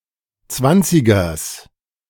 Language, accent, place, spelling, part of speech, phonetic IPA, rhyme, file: German, Germany, Berlin, Zwanzigers, noun, [ˈt͡svant͡sɪɡɐs], -ant͡sɪɡɐs, De-Zwanzigers.ogg
- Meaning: genitive singular of Zwanziger